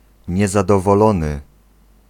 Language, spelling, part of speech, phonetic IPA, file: Polish, niezadowolony, adjective, [ˌɲɛzadɔvɔˈlɔ̃nɨ], Pl-niezadowolony.ogg